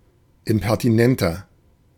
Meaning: 1. comparative degree of impertinent 2. inflection of impertinent: strong/mixed nominative masculine singular 3. inflection of impertinent: strong genitive/dative feminine singular
- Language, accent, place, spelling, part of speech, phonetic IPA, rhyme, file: German, Germany, Berlin, impertinenter, adjective, [ɪmpɛʁtiˈnɛntɐ], -ɛntɐ, De-impertinenter.ogg